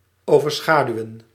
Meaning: 1. to overshadow, to adumbrate (to dominate something and make it seem insignificant; to obscure or overshadow) 2. to outshine
- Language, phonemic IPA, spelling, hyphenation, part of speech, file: Dutch, /ˌoː.vərˈsxaː.dyu̯ə(n)/, overschaduwen, over‧scha‧du‧wen, verb, Nl-overschaduwen.ogg